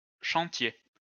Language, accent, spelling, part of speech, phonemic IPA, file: French, France, chantiez, verb, /ʃɑ̃.tje/, LL-Q150 (fra)-chantiez.wav
- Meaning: inflection of chanter: 1. second-person plural imperfect indicative 2. second-person plural present subjunctive